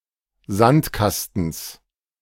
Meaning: genitive singular of Sandkasten
- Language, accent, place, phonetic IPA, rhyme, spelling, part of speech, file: German, Germany, Berlin, [ˈzantˌkastn̩s], -antkastn̩s, Sandkastens, noun, De-Sandkastens.ogg